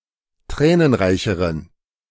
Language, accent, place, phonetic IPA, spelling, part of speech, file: German, Germany, Berlin, [ˈtʁɛːnənˌʁaɪ̯çəʁən], tränenreicheren, adjective, De-tränenreicheren.ogg
- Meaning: inflection of tränenreich: 1. strong genitive masculine/neuter singular comparative degree 2. weak/mixed genitive/dative all-gender singular comparative degree